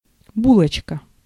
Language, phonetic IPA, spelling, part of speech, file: Russian, [ˈbuɫət͡ɕkə], булочка, noun, Ru-булочка.ogg
- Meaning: bun, roll